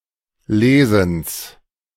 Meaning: genitive singular of Lesen
- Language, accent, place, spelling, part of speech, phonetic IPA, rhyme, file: German, Germany, Berlin, Lesens, noun, [ˈleːzn̩s], -eːzn̩s, De-Lesens.ogg